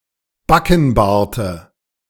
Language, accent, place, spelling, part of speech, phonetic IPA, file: German, Germany, Berlin, Backenbarte, noun, [ˈbakn̩ˌbaːɐ̯tə], De-Backenbarte.ogg
- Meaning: dative singular of Backenbart